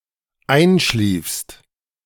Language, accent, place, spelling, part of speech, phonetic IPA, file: German, Germany, Berlin, einschliefst, verb, [ˈaɪ̯nˌʃliːfst], De-einschliefst.ogg
- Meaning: second-person singular dependent preterite of einschlafen